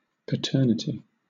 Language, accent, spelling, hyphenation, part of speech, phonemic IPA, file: English, Southern England, paternity, pa‧tern‧i‧ty, noun, /pəˈtɜːnɪti/, LL-Q1860 (eng)-paternity.wav
- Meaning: 1. Fatherhood, the state or quality of being a father 2. Parental descent from a father 3. Legal acknowledgement of a man's fatherhood of a child 4. Authorship